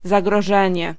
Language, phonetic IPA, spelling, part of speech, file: Polish, [ˌzaɡrɔˈʒɛ̃ɲɛ], zagrożenie, noun, Pl-zagrożenie.ogg